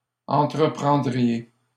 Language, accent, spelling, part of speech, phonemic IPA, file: French, Canada, entreprendriez, verb, /ɑ̃.tʁə.pʁɑ̃.dʁi.je/, LL-Q150 (fra)-entreprendriez.wav
- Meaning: second-person plural conditional of entreprendre